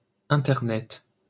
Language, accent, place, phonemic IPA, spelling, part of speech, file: French, France, Paris, /ɛ̃.tɛʁ.nɛt/, Internet, proper noun, LL-Q150 (fra)-Internet.wav
- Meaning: the Internet